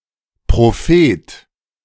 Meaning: prophet
- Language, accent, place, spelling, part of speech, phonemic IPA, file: German, Germany, Berlin, Prophet, noun, /pʁoˈfeːt/, De-Prophet.ogg